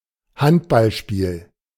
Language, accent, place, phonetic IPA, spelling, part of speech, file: German, Germany, Berlin, [ˈhantbalˌʃpiːl], Handballspiel, noun, De-Handballspiel.ogg
- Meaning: 1. handball 2. handball match, handball game